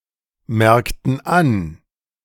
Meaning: inflection of anmerken: 1. first/third-person plural preterite 2. first/third-person plural subjunctive II
- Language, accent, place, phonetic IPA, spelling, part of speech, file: German, Germany, Berlin, [ˌmɛʁktn̩ ˈan], merkten an, verb, De-merkten an.ogg